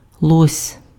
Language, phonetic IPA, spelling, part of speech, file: Ukrainian, [ɫɔsʲ], лось, noun, Uk-лось.ogg
- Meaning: elk, moose